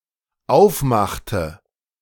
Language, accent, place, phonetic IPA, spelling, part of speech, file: German, Germany, Berlin, [ˈaʊ̯fˌmaxtə], aufmachte, verb, De-aufmachte.ogg
- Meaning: inflection of aufmachen: 1. first/third-person singular dependent preterite 2. first/third-person singular dependent subjunctive II